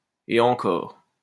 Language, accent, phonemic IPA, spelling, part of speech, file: French, France, /e ɑ̃.kɔʁ/, et encore, adverb, LL-Q150 (fra)-et encore.wav
- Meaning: if that, and even then!